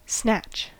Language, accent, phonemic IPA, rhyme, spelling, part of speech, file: English, US, /snæt͡ʃ/, -ætʃ, snatch, verb / noun, En-us-snatch.ogg
- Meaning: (verb) 1. To grasp and remove quickly 2. To attempt to seize something suddenly 3. To take or seize hastily, abruptly, or without permission or ceremony 4. To steal